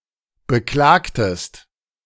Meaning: inflection of beklagen: 1. second-person singular preterite 2. second-person singular subjunctive II
- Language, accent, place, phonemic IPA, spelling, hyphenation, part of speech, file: German, Germany, Berlin, /bəˈklaːktəst/, beklagtest, be‧klag‧test, verb, De-beklagtest.ogg